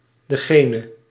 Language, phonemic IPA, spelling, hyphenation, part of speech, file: Dutch, /dəˈɣeː.nə/, degene, de‧ge‧ne, pronoun, Nl-degene.ogg
- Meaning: the one (who)